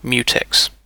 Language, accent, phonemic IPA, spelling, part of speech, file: English, UK, /ˈmjuːtɛks/, mutex, noun / verb, En-uk-mutex.ogg
- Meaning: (noun) An object in a program that serves as a lock, used to negotiate mutual exclusion among threads; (verb) To apply a mutex to